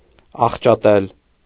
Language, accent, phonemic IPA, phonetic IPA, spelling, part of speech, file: Armenian, Eastern Armenian, /ɑχt͡ʃɑˈtel/, [ɑχt͡ʃɑtél], աղճատել, verb, Hy-աղճատել.ogg
- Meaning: to distort, to pervert